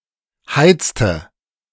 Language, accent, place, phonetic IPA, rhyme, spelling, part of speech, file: German, Germany, Berlin, [ˈhaɪ̯t͡stə], -aɪ̯t͡stə, heizte, verb, De-heizte.ogg
- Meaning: inflection of heizen: 1. first/third-person singular preterite 2. first/third-person singular subjunctive II